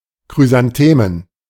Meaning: plural of Chrysantheme
- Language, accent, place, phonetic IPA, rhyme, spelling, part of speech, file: German, Germany, Berlin, [kʁyzanˈteːmən], -eːmən, Chrysanthemen, noun, De-Chrysanthemen.ogg